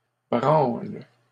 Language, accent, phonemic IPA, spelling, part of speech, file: French, Canada, /bʁɑ̃l/, branle, noun / verb, LL-Q150 (fra)-branle.wav
- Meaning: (noun) 1. shake (act of shaking) 2. wank (act of masturbating) 3. a sailor's hammock on board a ship; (verb) inflection of branler: first/third-person singular present indicative/subjunctive